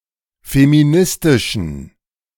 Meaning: inflection of feministisch: 1. strong genitive masculine/neuter singular 2. weak/mixed genitive/dative all-gender singular 3. strong/weak/mixed accusative masculine singular 4. strong dative plural
- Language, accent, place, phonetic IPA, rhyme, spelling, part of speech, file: German, Germany, Berlin, [femiˈnɪstɪʃn̩], -ɪstɪʃn̩, feministischen, adjective, De-feministischen.ogg